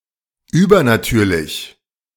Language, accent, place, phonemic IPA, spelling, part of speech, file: German, Germany, Berlin, /ˈʔyːbɐnaˌtyːɐ̯lɪç/, übernatürlich, adjective, De-übernatürlich.ogg
- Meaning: supernatural